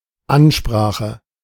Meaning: 1. speech, address (an oration on a specific topic for a specific audience) 2. toast (speech involved)
- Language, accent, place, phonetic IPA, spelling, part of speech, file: German, Germany, Berlin, [ˈanˌʃpʁaːxə], Ansprache, noun, De-Ansprache.ogg